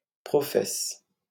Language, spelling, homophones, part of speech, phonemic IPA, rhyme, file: French, professe, professent / professes, noun / verb, /pʁɔ.fɛs/, -ɛs, LL-Q150 (fra)-professe.wav
- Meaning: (noun) female equivalent of profès; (verb) inflection of professer: 1. first/third-person singular present indicative/subjunctive 2. second-person singular imperative